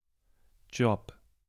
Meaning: 1. job, position, employment 2. job, work, profession 3. job, task, assignment
- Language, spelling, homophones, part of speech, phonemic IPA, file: German, Job, jobb, noun, /dʒɔp/, De-Job.ogg